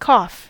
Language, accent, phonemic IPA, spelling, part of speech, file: English, General American, /kɔf/, cough, verb / noun / interjection, En-us-cough.ogg
- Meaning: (verb) Sometimes followed by up: to force (something) out of the lungs or throat by pushing air from the lungs through the glottis (causing a short, explosive sound), and out through the mouth